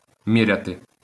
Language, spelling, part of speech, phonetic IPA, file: Ukrainian, міряти, verb, [ˈmʲirʲɐte], LL-Q8798 (ukr)-міряти.wav
- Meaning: to measure